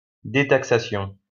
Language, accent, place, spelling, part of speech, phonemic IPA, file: French, France, Lyon, détaxation, noun, /de.tak.sa.sjɔ̃/, LL-Q150 (fra)-détaxation.wav
- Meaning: detaxation